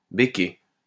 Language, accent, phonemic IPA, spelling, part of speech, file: French, France, /be.ke/, béquer, verb, LL-Q150 (fra)-béquer.wav
- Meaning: alternative form of becquer